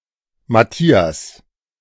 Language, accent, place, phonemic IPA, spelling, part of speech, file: German, Germany, Berlin, /maˈtiːas/, Matthias, proper noun, De-Matthias.ogg
- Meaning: 1. Matthias 2. a male given name; variant forms Mathias, Mattias